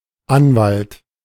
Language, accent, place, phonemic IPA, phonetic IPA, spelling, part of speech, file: German, Germany, Berlin, /ˈanvalt/, [ˈʔanvalt], Anwalt, noun, De-Anwalt.ogg
- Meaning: attorney, lawyer